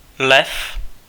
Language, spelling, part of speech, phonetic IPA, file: Czech, Lev, proper noun / noun, [ˈlɛf], Cs-Lev.ogg
- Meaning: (proper noun) 1. Leo (male given name) 2. a male surname transferred from the given name; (noun) 1. Leo (in astronomy) 2. the zodiacal sign Leo